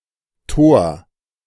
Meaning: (proper noun) Thor, a hammer-wielding god in Norse mythology; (noun) Obsolete spelling of Tor (gate) which was deprecated in 1902 following the Second Orthographic Conference of 1901
- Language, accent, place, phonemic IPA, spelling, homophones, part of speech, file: German, Germany, Berlin, /toːr/, Thor, Tor, proper noun / noun, De-Thor.ogg